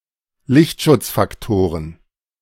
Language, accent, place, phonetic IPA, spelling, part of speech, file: German, Germany, Berlin, [ˈlɪçtʃʊt͡sfakˌtoːʁən], Lichtschutzfaktoren, noun, De-Lichtschutzfaktoren.ogg
- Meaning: plural of Lichtschutzfaktor